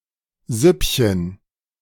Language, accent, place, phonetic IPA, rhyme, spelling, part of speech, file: German, Germany, Berlin, [ˈzʏpçən], -ʏpçən, Süppchen, noun, De-Süppchen.ogg
- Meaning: diminutive of Suppe